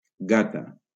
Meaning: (noun) female equivalent of gat; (adjective) feminine singular of gat
- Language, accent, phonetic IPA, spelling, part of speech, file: Catalan, Valencia, [ˈɡa.ta], gata, noun / adjective, LL-Q7026 (cat)-gata.wav